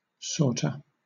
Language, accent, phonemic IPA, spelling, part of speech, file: English, Southern England, /ˈsɔːtə/, sorta, adverb / contraction, LL-Q1860 (eng)-sorta.wav
- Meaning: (adverb) Contraction of sort of; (contraction) Sort of